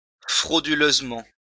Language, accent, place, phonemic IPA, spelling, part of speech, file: French, France, Lyon, /fʁo.dy.løz.mɑ̃/, frauduleusement, adverb, LL-Q150 (fra)-frauduleusement.wav
- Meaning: fraudulently